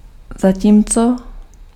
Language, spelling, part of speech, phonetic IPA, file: Czech, zatímco, conjunction, [ˈzaciːmt͡so], Cs-zatímco.ogg
- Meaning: 1. while (during the same time that) 2. whereas (but in contrast)